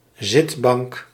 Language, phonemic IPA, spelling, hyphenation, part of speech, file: Dutch, /ˈzɪt.bɑŋk/, zitbank, zit‧bank, noun, Nl-zitbank.ogg
- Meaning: a couch, a sofa